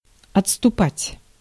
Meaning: 1. to retreat, to fall back 2. to digress, to back off
- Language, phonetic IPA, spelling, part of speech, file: Russian, [ɐt͡sstʊˈpatʲ], отступать, verb, Ru-отступать.ogg